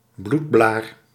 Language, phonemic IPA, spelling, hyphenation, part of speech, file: Dutch, /ˈblut.blaːr/, bloedblaar, bloed‧blaar, noun, Nl-bloedblaar.ogg
- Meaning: blood blister